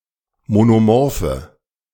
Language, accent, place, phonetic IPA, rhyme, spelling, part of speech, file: German, Germany, Berlin, [monoˈmɔʁfə], -ɔʁfə, monomorphe, adjective, De-monomorphe.ogg
- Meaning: inflection of monomorph: 1. strong/mixed nominative/accusative feminine singular 2. strong nominative/accusative plural 3. weak nominative all-gender singular